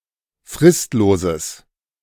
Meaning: strong/mixed nominative/accusative neuter singular of fristlos
- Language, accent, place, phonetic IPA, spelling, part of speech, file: German, Germany, Berlin, [ˈfʁɪstloːzəs], fristloses, adjective, De-fristloses.ogg